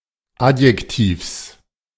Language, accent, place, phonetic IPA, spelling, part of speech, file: German, Germany, Berlin, [ˈatjɛktiːfs], Adjektivs, noun, De-Adjektivs.ogg
- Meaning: genitive singular of Adjektiv